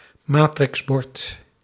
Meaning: a matrix sign, a variable-message sign
- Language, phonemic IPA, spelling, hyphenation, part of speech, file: Dutch, /ˈmaː.trɪxˌbɔrt/, matrixbord, ma‧trix‧bord, noun, Nl-matrixbord.ogg